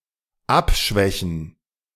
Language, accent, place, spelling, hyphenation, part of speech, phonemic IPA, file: German, Germany, Berlin, abschwächen, ab‧schwä‧chen, verb, /ˈapˌʃvɛçn̩/, De-abschwächen.ogg
- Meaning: 1. to make milder, weaken, abate, attenuate, soften 2. to alleviate, mitigate